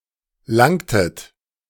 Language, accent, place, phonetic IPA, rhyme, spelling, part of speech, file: German, Germany, Berlin, [ˈlaŋtət], -aŋtət, langtet, verb, De-langtet.ogg
- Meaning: inflection of langen: 1. second-person plural preterite 2. second-person plural subjunctive II